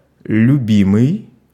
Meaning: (verb) present passive imperfective participle of люби́ть (ljubítʹ); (adjective) favorite; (noun) beloved, darling
- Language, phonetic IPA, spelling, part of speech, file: Russian, [lʲʉˈbʲimɨj], любимый, verb / adjective / noun, Ru-любимый.ogg